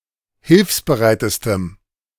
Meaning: strong dative masculine/neuter singular superlative degree of hilfsbereit
- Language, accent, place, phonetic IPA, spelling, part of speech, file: German, Germany, Berlin, [ˈhɪlfsbəˌʁaɪ̯təstəm], hilfsbereitestem, adjective, De-hilfsbereitestem.ogg